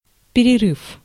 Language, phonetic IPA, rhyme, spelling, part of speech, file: Russian, [pʲɪrʲɪˈrɨf], -ɨf, перерыв, noun / verb, Ru-перерыв.ogg
- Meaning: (noun) interruption, stop, break, intermission; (verb) short past adverbial perfective participle of переры́ть (pererýtʹ)